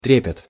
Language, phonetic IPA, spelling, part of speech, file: Russian, [ˈtrʲepʲɪt], трепет, noun, Ru-трепет.ogg
- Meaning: 1. thrill 2. awe, trepidation (feeling of fear and reverence)